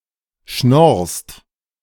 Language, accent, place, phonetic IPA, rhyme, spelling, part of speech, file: German, Germany, Berlin, [ʃnɔʁst], -ɔʁst, schnorrst, verb, De-schnorrst.ogg
- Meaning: second-person singular present of schnorren